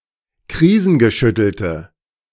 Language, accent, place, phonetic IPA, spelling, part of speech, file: German, Germany, Berlin, [ˈkʁiːzn̩ɡəˌʃʏtl̩tə], krisengeschüttelte, adjective, De-krisengeschüttelte.ogg
- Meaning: inflection of krisengeschüttelt: 1. strong/mixed nominative/accusative feminine singular 2. strong nominative/accusative plural 3. weak nominative all-gender singular